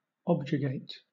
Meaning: 1. To rebuke or scold strongly 2. To remonstrate, complain, to rail against
- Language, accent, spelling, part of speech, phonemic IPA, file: English, Southern England, objurgate, verb, /ˈɒbd͡ʒəɡeɪt/, LL-Q1860 (eng)-objurgate.wav